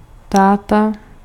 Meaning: dad
- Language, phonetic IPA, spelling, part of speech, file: Czech, [ˈtaːta], táta, noun, Cs-táta.ogg